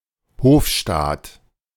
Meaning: court (household and entourage of a sovereign)
- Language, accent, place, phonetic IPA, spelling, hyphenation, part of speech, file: German, Germany, Berlin, [ˈhoːfʃtaːt], Hofstaat, Hof‧staat, noun, De-Hofstaat.ogg